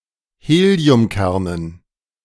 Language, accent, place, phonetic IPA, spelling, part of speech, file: German, Germany, Berlin, [ˈheːli̯ʊmˌkɛʁnən], Heliumkernen, noun, De-Heliumkernen.ogg
- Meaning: dative plural of Heliumkern